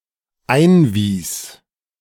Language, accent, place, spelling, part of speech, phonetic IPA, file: German, Germany, Berlin, einwies, verb, [ˈaɪ̯nˌviːs], De-einwies.ogg
- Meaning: first/third-person singular dependent preterite of einweisen